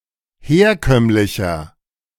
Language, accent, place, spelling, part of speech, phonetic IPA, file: German, Germany, Berlin, herkömmlicher, adjective, [ˈheːɐ̯ˌkœmlɪçɐ], De-herkömmlicher.ogg
- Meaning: 1. comparative degree of herkömmlich 2. inflection of herkömmlich: strong/mixed nominative masculine singular 3. inflection of herkömmlich: strong genitive/dative feminine singular